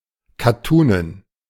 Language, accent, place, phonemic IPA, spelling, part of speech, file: German, Germany, Berlin, /kaˈtuːnən/, kattunen, adjective, De-kattunen.ogg
- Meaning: calico